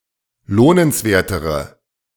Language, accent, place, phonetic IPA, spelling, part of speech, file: German, Germany, Berlin, [ˈloːnənsˌveːɐ̯təʁə], lohnenswertere, adjective, De-lohnenswertere.ogg
- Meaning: inflection of lohnenswert: 1. strong/mixed nominative/accusative feminine singular comparative degree 2. strong nominative/accusative plural comparative degree